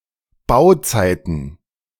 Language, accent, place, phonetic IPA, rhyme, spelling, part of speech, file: German, Germany, Berlin, [ˈbaʊ̯ˌt͡saɪ̯tn̩], -aʊ̯t͡saɪ̯tn̩, Bauzeiten, noun, De-Bauzeiten.ogg
- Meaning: plural of Bauzeit